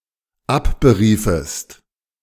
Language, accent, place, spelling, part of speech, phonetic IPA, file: German, Germany, Berlin, abberiefest, verb, [ˈapbəˌʁiːfəst], De-abberiefest.ogg
- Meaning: second-person singular dependent subjunctive II of abberufen